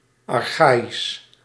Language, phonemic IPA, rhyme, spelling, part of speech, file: Dutch, /ɑrˈxaː.is/, -aːis, archaïsch, adjective, Nl-archaïsch.ogg
- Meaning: archaic